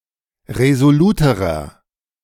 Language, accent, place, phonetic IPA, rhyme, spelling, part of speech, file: German, Germany, Berlin, [ʁezoˈluːtəʁɐ], -uːtəʁɐ, resoluterer, adjective, De-resoluterer.ogg
- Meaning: inflection of resolut: 1. strong/mixed nominative masculine singular comparative degree 2. strong genitive/dative feminine singular comparative degree 3. strong genitive plural comparative degree